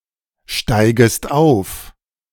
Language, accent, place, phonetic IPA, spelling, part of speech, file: German, Germany, Berlin, [ˌʃtaɪ̯ɡəst ˈaʊ̯f], steigest auf, verb, De-steigest auf.ogg
- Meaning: second-person singular subjunctive I of aufsteigen